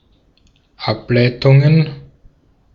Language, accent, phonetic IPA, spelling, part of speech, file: German, Austria, [ˈaplaɪ̯tʊŋən], Ableitungen, noun, De-at-Ableitungen.ogg
- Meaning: plural of Ableitung